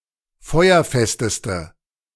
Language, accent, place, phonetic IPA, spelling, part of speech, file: German, Germany, Berlin, [ˈfɔɪ̯ɐˌfɛstəstə], feuerfesteste, adjective, De-feuerfesteste.ogg
- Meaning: inflection of feuerfest: 1. strong/mixed nominative/accusative feminine singular superlative degree 2. strong nominative/accusative plural superlative degree